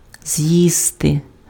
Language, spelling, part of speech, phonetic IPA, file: Ukrainian, з'їсти, verb, [ˈzjiste], Uk-з'їсти.ogg
- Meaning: 1. to eat (consume) 2. to eat (consume a meal)